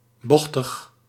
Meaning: winding
- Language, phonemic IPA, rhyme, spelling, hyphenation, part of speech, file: Dutch, /ˈbɔx.təx/, -ɔxtəx, bochtig, boch‧tig, adjective, Nl-bochtig.ogg